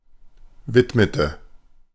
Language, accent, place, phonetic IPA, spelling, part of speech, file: German, Germany, Berlin, [ˈvɪtmətə], widmete, verb, De-widmete.ogg
- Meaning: inflection of widmen: 1. first/third-person singular preterite 2. first/third-person singular subjunctive II